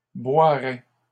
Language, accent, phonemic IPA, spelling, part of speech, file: French, Canada, /bwa.ʁɛ/, boirait, verb, LL-Q150 (fra)-boirait.wav
- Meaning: third-person singular conditional of boire